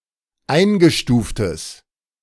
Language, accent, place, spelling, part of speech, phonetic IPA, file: German, Germany, Berlin, eingestuftes, adjective, [ˈaɪ̯nɡəˌʃtuːftəs], De-eingestuftes.ogg
- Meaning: strong/mixed nominative/accusative neuter singular of eingestuft